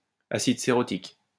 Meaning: cerotic acid
- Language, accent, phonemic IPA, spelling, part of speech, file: French, France, /a.sid se.ʁɔ.tik/, acide cérotique, noun, LL-Q150 (fra)-acide cérotique.wav